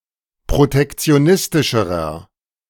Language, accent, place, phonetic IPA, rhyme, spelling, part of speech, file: German, Germany, Berlin, [pʁotɛkt͡si̯oˈnɪstɪʃəʁɐ], -ɪstɪʃəʁɐ, protektionistischerer, adjective, De-protektionistischerer.ogg
- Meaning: inflection of protektionistisch: 1. strong/mixed nominative masculine singular comparative degree 2. strong genitive/dative feminine singular comparative degree